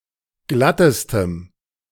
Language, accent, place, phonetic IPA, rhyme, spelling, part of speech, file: German, Germany, Berlin, [ˈɡlatəstəm], -atəstəm, glattestem, adjective, De-glattestem.ogg
- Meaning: strong dative masculine/neuter singular superlative degree of glatt